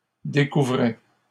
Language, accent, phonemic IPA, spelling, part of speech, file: French, Canada, /de.ku.vʁɛ/, découvrais, verb, LL-Q150 (fra)-découvrais.wav
- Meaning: first/second-person singular imperfect indicative of découvrir